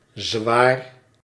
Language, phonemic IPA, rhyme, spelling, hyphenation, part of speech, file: Dutch, /zʋaːr/, -aːr, zwaar, zwaar, adjective, Nl-zwaar.ogg
- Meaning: 1. heavy, hefty 2. strong, potent 3. big, sizeable 4. difficult, hard 5. arduous, gruelling 6. important, significant